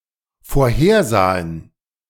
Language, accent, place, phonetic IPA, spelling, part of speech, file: German, Germany, Berlin, [foːɐ̯ˈheːɐ̯ˌzaːən], vorhersahen, verb, De-vorhersahen.ogg
- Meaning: first/third-person plural dependent preterite of vorhersehen